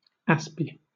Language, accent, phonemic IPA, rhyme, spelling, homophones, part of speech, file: English, Southern England, /ˈæspi/, -æspi, aspie, aspy, noun, LL-Q1860 (eng)-aspie.wav
- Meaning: An Aspergerian: a person with Asperger’s syndrome